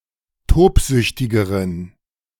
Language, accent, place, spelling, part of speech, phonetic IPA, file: German, Germany, Berlin, tobsüchtigeren, adjective, [ˈtoːpˌzʏçtɪɡəʁən], De-tobsüchtigeren.ogg
- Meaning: inflection of tobsüchtig: 1. strong genitive masculine/neuter singular comparative degree 2. weak/mixed genitive/dative all-gender singular comparative degree